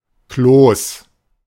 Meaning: 1. thickish lump 2. dumpling 3. fatso; overweight person
- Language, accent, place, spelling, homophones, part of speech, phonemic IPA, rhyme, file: German, Germany, Berlin, Kloß, Klos, noun, /kloːs/, -oːs, De-Kloß.ogg